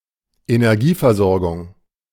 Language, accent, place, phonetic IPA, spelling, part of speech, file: German, Germany, Berlin, [enɛʁˈɡiːfɛɐ̯ˌzɔʁɡʊŋ], Energieversorgung, noun, De-Energieversorgung.ogg
- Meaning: 1. energy supply 2. power supply